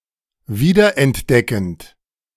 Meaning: present participle of wiederentdecken
- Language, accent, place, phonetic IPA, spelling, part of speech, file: German, Germany, Berlin, [ˈviːdɐʔɛntˌdɛkn̩t], wiederentdeckend, verb, De-wiederentdeckend.ogg